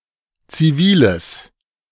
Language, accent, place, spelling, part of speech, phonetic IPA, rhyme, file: German, Germany, Berlin, ziviles, adjective, [t͡siˈviːləs], -iːləs, De-ziviles.ogg
- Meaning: strong/mixed nominative/accusative neuter singular of zivil